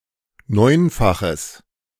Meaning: strong/mixed nominative/accusative neuter singular of neunfach
- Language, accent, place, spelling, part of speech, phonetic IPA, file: German, Germany, Berlin, neunfaches, adjective, [ˈnɔɪ̯nfaxəs], De-neunfaches.ogg